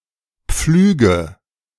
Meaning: nominative/accusative/genitive plural of Pflug
- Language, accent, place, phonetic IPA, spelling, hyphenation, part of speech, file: German, Germany, Berlin, [ˈpflyːɡə], Pflüge, Pflü‧ge, noun, De-Pflüge.ogg